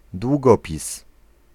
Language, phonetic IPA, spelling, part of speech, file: Polish, [dwuˈɡɔpʲis], długopis, noun, Pl-długopis.ogg